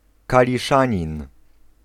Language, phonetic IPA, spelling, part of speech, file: Polish, [ˌkalʲiˈʃãɲĩn], kaliszanin, noun, Pl-kaliszanin.ogg